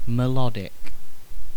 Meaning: 1. Of, relating to, or having melody 2. Melodious, tuneful
- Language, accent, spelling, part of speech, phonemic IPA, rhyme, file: English, UK, melodic, adjective, /mɪˈlɒd.ɪk/, -ɒdɪk, En-uk-melodic.ogg